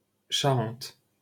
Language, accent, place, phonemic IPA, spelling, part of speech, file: French, France, Paris, /ʃa.ʁɑ̃t/, Charente, proper noun, LL-Q150 (fra)-Charente.wav
- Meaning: 1. Charente (a department of Nouvelle-Aquitaine, France) 2. Charente (a river in southwestern France, flowing through the departments of Haute-Vienne, Charente, Vienne and Charente-Maritime)